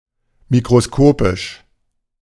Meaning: microscopic
- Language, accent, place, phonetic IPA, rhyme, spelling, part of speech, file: German, Germany, Berlin, [mikʁoˈskoːpɪʃ], -oːpɪʃ, mikroskopisch, adjective, De-mikroskopisch.ogg